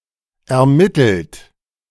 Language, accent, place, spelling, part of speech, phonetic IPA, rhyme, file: German, Germany, Berlin, ermittelt, verb, [ɛɐ̯ˈmɪtl̩t], -ɪtl̩t, De-ermittelt.ogg
- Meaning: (verb) past participle of ermitteln: determined, ascertained; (adjective) determined